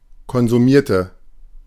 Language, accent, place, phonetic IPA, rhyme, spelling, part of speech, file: German, Germany, Berlin, [kɔnzuˈmiːɐ̯tə], -iːɐ̯tə, konsumierte, adjective / verb, De-konsumierte.ogg
- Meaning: inflection of konsumieren: 1. first/third-person singular preterite 2. first/third-person singular subjunctive II